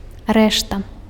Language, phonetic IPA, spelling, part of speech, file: Belarusian, [ˈrɛʂta], рэшта, noun, Be-рэшта.ogg
- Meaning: 1. rest, remainder (that which is left over) 2. change (balance of money returned to a purchaser who handed over more than the exact price)